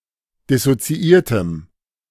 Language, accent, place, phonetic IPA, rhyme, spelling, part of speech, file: German, Germany, Berlin, [dɪsot͡siˈʔiːɐ̯təm], -iːɐ̯təm, dissoziiertem, adjective, De-dissoziiertem.ogg
- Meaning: strong dative masculine/neuter singular of dissoziiert